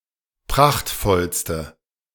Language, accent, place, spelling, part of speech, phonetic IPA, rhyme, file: German, Germany, Berlin, prachtvollste, adjective, [ˈpʁaxtfɔlstə], -axtfɔlstə, De-prachtvollste.ogg
- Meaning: inflection of prachtvoll: 1. strong/mixed nominative/accusative feminine singular superlative degree 2. strong nominative/accusative plural superlative degree